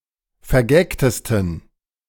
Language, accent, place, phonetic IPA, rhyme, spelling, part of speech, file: German, Germany, Berlin, [fɛɐ̯ˈɡɛktəstn̩], -ɛktəstn̩, vergagtesten, adjective, De-vergagtesten.ogg
- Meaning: 1. superlative degree of vergagt 2. inflection of vergagt: strong genitive masculine/neuter singular superlative degree